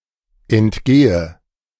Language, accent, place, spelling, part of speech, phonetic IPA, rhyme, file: German, Germany, Berlin, entgehe, verb, [ɛntˈɡeːə], -eːə, De-entgehe.ogg
- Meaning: inflection of entgehen: 1. first-person singular present 2. first/third-person singular subjunctive I 3. singular imperative